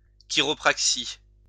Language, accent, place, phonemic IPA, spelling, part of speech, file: French, France, Lyon, /ki.ʁɔ.pʁak.si/, chiropraxie, noun, LL-Q150 (fra)-chiropraxie.wav
- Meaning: chiropractic, chiropraxy